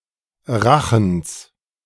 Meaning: genitive singular of Rachen
- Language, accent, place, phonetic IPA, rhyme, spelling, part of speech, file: German, Germany, Berlin, [ˈʁaxn̩s], -axn̩s, Rachens, noun, De-Rachens.ogg